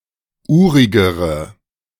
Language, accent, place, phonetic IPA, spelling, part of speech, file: German, Germany, Berlin, [ˈuːʁɪɡəʁə], urigere, adjective, De-urigere.ogg
- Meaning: inflection of urig: 1. strong/mixed nominative/accusative feminine singular comparative degree 2. strong nominative/accusative plural comparative degree